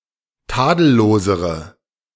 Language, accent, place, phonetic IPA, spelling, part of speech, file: German, Germany, Berlin, [ˈtaːdl̩ˌloːzəʁə], tadellosere, adjective, De-tadellosere.ogg
- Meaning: inflection of tadellos: 1. strong/mixed nominative/accusative feminine singular comparative degree 2. strong nominative/accusative plural comparative degree